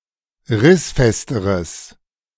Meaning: strong/mixed nominative/accusative neuter singular comparative degree of rissfest
- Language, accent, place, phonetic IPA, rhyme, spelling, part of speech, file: German, Germany, Berlin, [ˈʁɪsˌfɛstəʁəs], -ɪsfɛstəʁəs, rissfesteres, adjective, De-rissfesteres.ogg